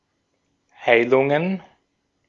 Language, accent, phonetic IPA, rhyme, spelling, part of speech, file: German, Austria, [ˈhaɪ̯lʊŋən], -aɪ̯lʊŋən, Heilungen, noun, De-at-Heilungen.ogg
- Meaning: plural of Heilung